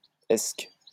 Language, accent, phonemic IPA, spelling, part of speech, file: French, France, /ɛsk/, esque, noun, LL-Q150 (fra)-esque.wav
- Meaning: bait used for fishing